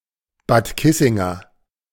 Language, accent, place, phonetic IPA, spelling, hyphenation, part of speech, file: German, Germany, Berlin, [baːt ˈkɪsɪŋɐ], Bad Kissinger, Bad Kis‧sin‧ger, noun / adjective, De-Bad Kissinger.ogg
- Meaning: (noun) A native or resident of Bad Kissingen; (adjective) of Bad Kissingen